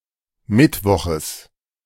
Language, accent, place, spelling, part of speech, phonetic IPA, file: German, Germany, Berlin, Mittwoches, noun, [ˈmɪtˌvɔxəs], De-Mittwoches.ogg
- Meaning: genitive of Mittwoch